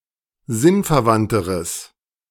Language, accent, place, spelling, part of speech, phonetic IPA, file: German, Germany, Berlin, sinnverwandteres, adjective, [ˈzɪnfɛɐ̯ˌvantəʁəs], De-sinnverwandteres.ogg
- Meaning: strong/mixed nominative/accusative neuter singular comparative degree of sinnverwandt